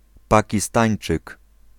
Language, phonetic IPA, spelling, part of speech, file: Polish, [ˌpaciˈstãj̃n͇t͡ʃɨk], Pakistańczyk, noun, Pl-Pakistańczyk.ogg